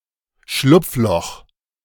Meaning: 1. bolthole 2. loophole
- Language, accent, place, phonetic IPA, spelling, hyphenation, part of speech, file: German, Germany, Berlin, [ˈʃlʊpfˌlɔχ], Schlupfloch, Schlupf‧loch, noun, De-Schlupfloch.ogg